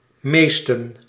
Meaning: inflection of meest: 1. masculine/feminine singular attributive 2. definite neuter singular attributive 3. plural attributive
- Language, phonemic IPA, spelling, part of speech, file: Dutch, /ˈmeːstə(n)/, meesten, adjective, Nl-meesten.ogg